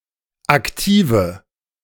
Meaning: 1. nominative/accusative/genitive plural of Aktiv 2. store-bought cigarettes, as opposed to those rolled by hand
- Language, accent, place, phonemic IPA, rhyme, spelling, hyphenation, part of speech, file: German, Germany, Berlin, /akˈtiːvə/, -iːvə, Aktive, Ak‧ti‧ve, noun, De-Aktive.ogg